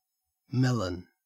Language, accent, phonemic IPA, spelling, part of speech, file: English, Australia, /ˈmelən/, melon, noun / adjective, En-au-melon.ogg